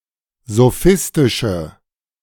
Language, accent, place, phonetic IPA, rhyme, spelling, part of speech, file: German, Germany, Berlin, [zoˈfɪstɪʃə], -ɪstɪʃə, sophistische, adjective, De-sophistische.ogg
- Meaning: inflection of sophistisch: 1. strong/mixed nominative/accusative feminine singular 2. strong nominative/accusative plural 3. weak nominative all-gender singular